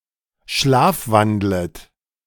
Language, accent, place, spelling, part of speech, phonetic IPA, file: German, Germany, Berlin, schlafwandlet, verb, [ˈʃlaːfˌvandlət], De-schlafwandlet.ogg
- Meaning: second-person plural subjunctive I of schlafwandeln